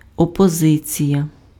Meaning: opposition
- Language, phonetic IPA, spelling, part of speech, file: Ukrainian, [ɔpɔˈzɪt͡sʲijɐ], опозиція, noun, Uk-опозиція.ogg